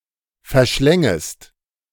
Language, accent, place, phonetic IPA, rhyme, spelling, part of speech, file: German, Germany, Berlin, [fɛɐ̯ˈʃlɛŋəst], -ɛŋəst, verschlängest, verb, De-verschlängest.ogg
- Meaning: second-person singular subjunctive I of verschlingen